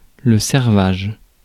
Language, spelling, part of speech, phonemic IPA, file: French, servage, noun, /sɛʁ.vaʒ/, Fr-servage.ogg
- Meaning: 1. servitude (the state of being a slave) 2. serfage